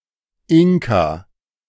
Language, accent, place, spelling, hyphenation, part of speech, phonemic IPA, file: German, Germany, Berlin, Inka, In‧ka, noun, /ˈɪŋka/, De-Inka.ogg
- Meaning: Inca